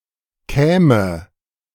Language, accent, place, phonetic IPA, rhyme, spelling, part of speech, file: German, Germany, Berlin, [ˈkɛːmə], -ɛːmə, käme, verb, De-käme.ogg
- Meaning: first/third-person singular subjunctive II of kommen